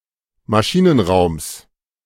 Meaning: genitive of Maschinenraum
- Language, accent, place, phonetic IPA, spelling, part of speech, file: German, Germany, Berlin, [maˈʃiːnənˌʁaʊ̯ms], Maschinenraums, noun, De-Maschinenraums.ogg